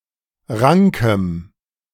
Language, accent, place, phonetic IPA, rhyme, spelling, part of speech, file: German, Germany, Berlin, [ˈʁaŋkəm], -aŋkəm, rankem, adjective, De-rankem.ogg
- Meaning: strong dative masculine/neuter singular of rank